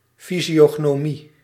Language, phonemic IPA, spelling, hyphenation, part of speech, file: Dutch, /ˌfi.zi.(j)oː.ɣnoːˈmi/, fysiognomie, fy‧sio‧gno‧mie, noun, Nl-fysiognomie.ogg
- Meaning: physiognomy (pseudoscience)